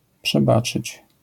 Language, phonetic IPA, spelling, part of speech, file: Polish, [pʃɛˈbat͡ʃɨt͡ɕ], przebaczyć, verb, LL-Q809 (pol)-przebaczyć.wav